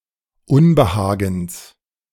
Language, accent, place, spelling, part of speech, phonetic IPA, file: German, Germany, Berlin, Unbehagens, noun, [ˈʊnbəˌhaːɡn̩s], De-Unbehagens.ogg
- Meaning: genitive of Unbehagen